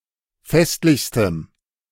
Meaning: strong dative masculine/neuter singular superlative degree of festlich
- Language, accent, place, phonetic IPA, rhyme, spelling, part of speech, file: German, Germany, Berlin, [ˈfɛstlɪçstəm], -ɛstlɪçstəm, festlichstem, adjective, De-festlichstem.ogg